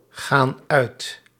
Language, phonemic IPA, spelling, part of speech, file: Dutch, /ˈɣan ˈœyt/, gaan uit, verb, Nl-gaan uit.ogg
- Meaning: inflection of uitgaan: 1. plural present indicative 2. plural present subjunctive